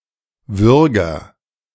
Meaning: 1. agent noun of würgen 2. strangler (killer) 3. shrike
- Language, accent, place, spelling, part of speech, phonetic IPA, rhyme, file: German, Germany, Berlin, Würger, noun, [ˈvʏʁɡɐ], -ʏʁɡɐ, De-Würger.ogg